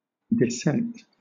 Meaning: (verb) 1. To disagree; to withhold assent. Construed with from (or, formerly, to) 2. To differ from, especially in opinion, beliefs, etc 3. To be different; to have contrary characteristics
- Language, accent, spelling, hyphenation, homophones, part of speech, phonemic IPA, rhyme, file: English, Southern England, dissent, dis‧sent, descent, verb / noun, /dɪˈsɛnt/, -ɛnt, LL-Q1860 (eng)-dissent.wav